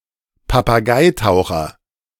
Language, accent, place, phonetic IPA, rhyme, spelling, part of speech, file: German, Germany, Berlin, [papaˈɡaɪ̯ˌtaʊ̯xɐ], -aɪ̯taʊ̯xɐ, Papageitaucher, noun, De-Papageitaucher.ogg
- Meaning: Atlantic puffin